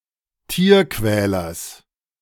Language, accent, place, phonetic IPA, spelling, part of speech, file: German, Germany, Berlin, [ˈtiːɐ̯ˌkvɛːlɐs], Tierquälers, noun, De-Tierquälers.ogg
- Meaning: genitive singular of Tierquäler